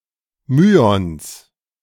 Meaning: genitive singular of Myon
- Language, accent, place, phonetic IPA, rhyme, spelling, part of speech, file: German, Germany, Berlin, [ˈmyːɔns], -yːɔns, Myons, noun, De-Myons.ogg